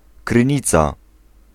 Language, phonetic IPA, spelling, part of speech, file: Polish, [krɨ̃ˈɲit͡sa], krynica, noun, Pl-krynica.ogg